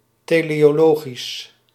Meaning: 1. teleological, concerning or applying teleology, either in theological or physiological sense 2. a judge's way to interpret the law by its intent rather than its actual phrasing
- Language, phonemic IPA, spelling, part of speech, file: Dutch, /teː.leː.oːˈloː.ɣis/, teleologisch, adjective, Nl-teleologisch.ogg